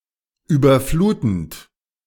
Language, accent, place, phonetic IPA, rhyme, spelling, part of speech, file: German, Germany, Berlin, [ˌyːbɐˈfluːtn̩t], -uːtn̩t, überflutend, verb, De-überflutend.ogg
- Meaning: present participle of überfluten